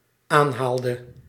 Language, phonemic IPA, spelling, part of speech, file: Dutch, /ˈanhaldə/, aanhaalde, verb, Nl-aanhaalde.ogg
- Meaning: inflection of aanhalen: 1. singular dependent-clause past indicative 2. singular dependent-clause past subjunctive